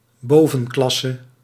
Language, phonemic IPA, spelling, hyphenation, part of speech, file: Dutch, /ˈboː.və(n)ˌklɑ.sə/, bovenklasse, bo‧ven‧klas‧se, noun, Nl-bovenklasse.ogg
- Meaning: upper class